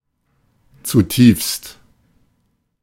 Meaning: deeply
- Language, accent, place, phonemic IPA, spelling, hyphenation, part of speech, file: German, Germany, Berlin, /tsuˈtiːfst/, zutiefst, zu‧tiefst, adverb, De-zutiefst.ogg